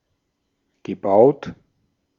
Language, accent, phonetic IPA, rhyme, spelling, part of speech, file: German, Austria, [ɡəˈbaʊ̯t], -aʊ̯t, gebaut, adjective / verb, De-at-gebaut.ogg
- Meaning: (verb) past participle of bauen; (adjective) built